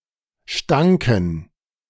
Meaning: first/third-person plural preterite of stinken
- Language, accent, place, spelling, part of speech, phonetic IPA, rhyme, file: German, Germany, Berlin, stanken, verb, [ˈʃtaŋkn̩], -aŋkn̩, De-stanken.ogg